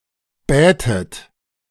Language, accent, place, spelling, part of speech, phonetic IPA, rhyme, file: German, Germany, Berlin, bätet, verb, [ˈbɛːtət], -ɛːtət, De-bätet.ogg
- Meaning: second-person plural subjunctive II of bitten